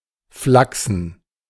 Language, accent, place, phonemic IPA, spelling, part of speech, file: German, Germany, Berlin, /ˈflaksn̩/, flachsen, verb / adjective, De-flachsen.ogg
- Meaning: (verb) to joke; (adjective) flax